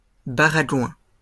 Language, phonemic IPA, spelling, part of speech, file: French, /ba.ʁa.ɡwɛ̃/, baragouins, noun, LL-Q150 (fra)-baragouins.wav
- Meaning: plural of baragouin